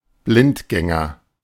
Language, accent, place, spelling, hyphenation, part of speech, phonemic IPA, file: German, Germany, Berlin, Blindgänger, Blind‧gän‧ger, noun, /ˈblɪntˌɡɛŋɐ/, De-Blindgänger.ogg
- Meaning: 1. UXO; unexploded ordnance 2. bungler 3. fuckup 4. conscientious objector 5. braggart 6. bachelor 7. instance of anorgasmia 8. impotent man 9. adulterer